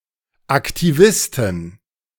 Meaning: inflection of Aktivist: 1. nominative plural 2. genitive/dative/accusative singular/plural
- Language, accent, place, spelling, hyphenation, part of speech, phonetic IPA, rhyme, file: German, Germany, Berlin, Aktivisten, Ak‧ti‧vis‧ten, noun, [aktiˈvɪstn̩], -ɪstn̩, De-Aktivisten.ogg